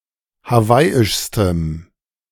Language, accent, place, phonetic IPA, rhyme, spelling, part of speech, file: German, Germany, Berlin, [haˈvaɪ̯ɪʃstəm], -aɪ̯ɪʃstəm, hawaiischstem, adjective, De-hawaiischstem.ogg
- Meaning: strong dative masculine/neuter singular superlative degree of hawaiisch